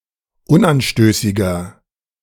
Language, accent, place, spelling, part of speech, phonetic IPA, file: German, Germany, Berlin, unanstößiger, adjective, [ˈʊnʔanˌʃtøːsɪɡɐ], De-unanstößiger.ogg
- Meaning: 1. comparative degree of unanstößig 2. inflection of unanstößig: strong/mixed nominative masculine singular 3. inflection of unanstößig: strong genitive/dative feminine singular